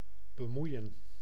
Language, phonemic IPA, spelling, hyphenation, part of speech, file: Dutch, /bəˈmui̯ə(n)/, bemoeien, be‧moei‧en, verb, Nl-bemoeien.ogg
- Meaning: 1. to interfere, to meddle 2. to mind, deal with; to trouble or concern oneself